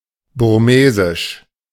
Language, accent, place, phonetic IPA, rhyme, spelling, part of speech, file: German, Germany, Berlin, [bʊʁˈmeːzɪʃ], -eːzɪʃ, burmesisch, adjective, De-burmesisch.ogg
- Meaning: Burmese